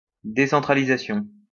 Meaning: decentralisation
- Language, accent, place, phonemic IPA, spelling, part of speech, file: French, France, Lyon, /de.sɑ̃.tʁa.li.za.sjɔ̃/, décentralisation, noun, LL-Q150 (fra)-décentralisation.wav